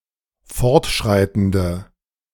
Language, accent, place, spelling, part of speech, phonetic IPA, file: German, Germany, Berlin, fortschreitende, adjective, [ˈfɔʁtˌʃʁaɪ̯tn̩də], De-fortschreitende.ogg
- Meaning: inflection of fortschreitend: 1. strong/mixed nominative/accusative feminine singular 2. strong nominative/accusative plural 3. weak nominative all-gender singular